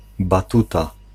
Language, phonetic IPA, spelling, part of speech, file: Polish, [baˈtuta], batuta, noun, Pl-batuta.ogg